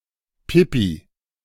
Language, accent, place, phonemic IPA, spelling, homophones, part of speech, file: German, Germany, Berlin, /ˈpɪ.pi/, Pipi, Pippi, noun, De-Pipi.ogg
- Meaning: pee (urine)